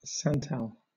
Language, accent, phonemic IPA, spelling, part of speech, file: English, Southern England, /ˈsæntæl/, santal, noun, LL-Q1860 (eng)-santal.wav
- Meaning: A colourless crystalline substance, isomeric with piperonal, but having weak acid properties. It is extracted from sandalwood